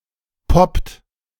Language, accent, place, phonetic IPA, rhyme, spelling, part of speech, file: German, Germany, Berlin, [pɔpt], -ɔpt, poppt, verb, De-poppt.ogg
- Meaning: inflection of poppen: 1. second-person plural present 2. third-person singular present 3. plural imperative